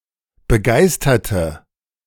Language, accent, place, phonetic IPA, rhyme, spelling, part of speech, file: German, Germany, Berlin, [bəˈɡaɪ̯stɐtə], -aɪ̯stɐtə, begeisterte, adjective / verb, De-begeisterte.ogg
- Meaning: inflection of begeistern: 1. first/third-person singular preterite 2. first/third-person singular subjunctive II